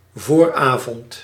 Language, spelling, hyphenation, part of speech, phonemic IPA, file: Dutch, vooravond, voor‧avond, noun, /ˈvoːrˌaː.vɔnt/, Nl-vooravond.ogg
- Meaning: 1. early evening 2. eve (evening before)